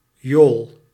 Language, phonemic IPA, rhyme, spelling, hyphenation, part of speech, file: Dutch, /joːl/, -oːl, jool, jool, noun, Nl-jool.ogg
- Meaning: glee, revelry